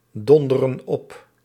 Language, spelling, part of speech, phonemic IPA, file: Dutch, donderen op, verb, /ˈdɔndərə(n) ˈɔp/, Nl-donderen op.ogg
- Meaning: inflection of opdonderen: 1. plural present indicative 2. plural present subjunctive